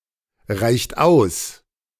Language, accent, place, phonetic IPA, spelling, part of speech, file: German, Germany, Berlin, [ˌʁaɪ̯çt ˈaʊ̯s], reicht aus, verb, De-reicht aus.ogg
- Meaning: inflection of ausreichen: 1. second-person plural present 2. third-person singular present 3. plural imperative